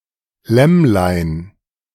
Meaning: diminutive of Lamm
- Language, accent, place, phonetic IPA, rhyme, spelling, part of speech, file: German, Germany, Berlin, [ˈlɛmlaɪ̯n], -ɛmlaɪ̯n, Lämmlein, noun / proper noun, De-Lämmlein.ogg